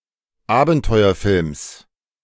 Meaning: genitive of Abenteuerfilm
- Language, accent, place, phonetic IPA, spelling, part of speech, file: German, Germany, Berlin, [ˈaːbn̩tɔɪ̯ɐˌfɪlms], Abenteuerfilms, noun, De-Abenteuerfilms.ogg